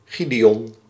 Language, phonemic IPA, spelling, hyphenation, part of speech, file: Dutch, /ˈɣi.deːˌɔn/, Gideon, Gi‧de‧on, proper noun, Nl-Gideon.ogg
- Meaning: 1. Gideon (biblical character) 2. a male given name